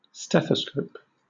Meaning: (noun) A medical instrument used for listening to sounds produced within the body; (verb) To auscultate, or examine, with a stethoscope
- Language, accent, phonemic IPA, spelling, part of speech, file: English, Southern England, /ˈstɛθəskəʊp/, stethoscope, noun / verb, LL-Q1860 (eng)-stethoscope.wav